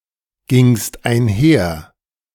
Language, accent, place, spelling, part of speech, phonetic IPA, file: German, Germany, Berlin, gingst einher, verb, [ˌɡɪŋst aɪ̯nˈhɛɐ̯], De-gingst einher.ogg
- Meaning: second-person singular preterite of einhergehen